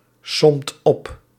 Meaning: inflection of opsommen: 1. second/third-person singular present indicative 2. plural imperative
- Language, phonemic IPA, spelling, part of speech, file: Dutch, /ˈsɔmt ˈɔp/, somt op, verb, Nl-somt op.ogg